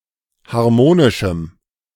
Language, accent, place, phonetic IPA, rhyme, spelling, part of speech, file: German, Germany, Berlin, [haʁˈmoːnɪʃm̩], -oːnɪʃm̩, harmonischem, adjective, De-harmonischem.ogg
- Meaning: strong dative masculine/neuter singular of harmonisch